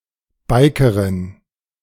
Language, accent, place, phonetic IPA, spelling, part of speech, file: German, Germany, Berlin, [ˈbaɪ̯kəʁɪn], Bikerin, noun, De-Bikerin.ogg
- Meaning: female equivalent of Biker